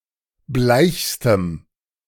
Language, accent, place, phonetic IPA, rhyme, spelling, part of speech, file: German, Germany, Berlin, [ˈblaɪ̯çstəm], -aɪ̯çstəm, bleichstem, adjective, De-bleichstem.ogg
- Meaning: strong dative masculine/neuter singular superlative degree of bleich